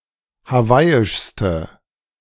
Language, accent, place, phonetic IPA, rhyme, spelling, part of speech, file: German, Germany, Berlin, [haˈvaɪ̯ɪʃstə], -aɪ̯ɪʃstə, hawaiischste, adjective, De-hawaiischste.ogg
- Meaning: inflection of hawaiisch: 1. strong/mixed nominative/accusative feminine singular superlative degree 2. strong nominative/accusative plural superlative degree